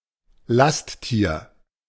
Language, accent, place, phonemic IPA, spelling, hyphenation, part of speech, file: German, Germany, Berlin, /ˈlastˌtiːɐ̯/, Lasttier, Last‧tier, noun, De-Lasttier.ogg
- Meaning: beast of burden